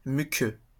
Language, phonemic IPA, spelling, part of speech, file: French, /my.kø/, muqueux, adjective, LL-Q150 (fra)-muqueux.wav
- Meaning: mucous